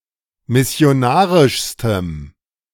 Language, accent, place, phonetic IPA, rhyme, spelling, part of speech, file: German, Germany, Berlin, [mɪsi̯oˈnaːʁɪʃstəm], -aːʁɪʃstəm, missionarischstem, adjective, De-missionarischstem.ogg
- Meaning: strong dative masculine/neuter singular superlative degree of missionarisch